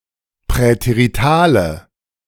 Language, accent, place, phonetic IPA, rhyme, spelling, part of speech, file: German, Germany, Berlin, [pʁɛteʁiˈtaːlə], -aːlə, präteritale, adjective, De-präteritale.ogg
- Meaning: inflection of präterital: 1. strong/mixed nominative/accusative feminine singular 2. strong nominative/accusative plural 3. weak nominative all-gender singular